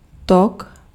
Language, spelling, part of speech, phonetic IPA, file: Czech, tok, noun, [ˈtok], Cs-tok.ogg
- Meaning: flow